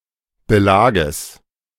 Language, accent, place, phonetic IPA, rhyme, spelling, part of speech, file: German, Germany, Berlin, [bəˈlaːɡəs], -aːɡəs, Belages, noun, De-Belages.ogg
- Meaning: genitive singular of Belag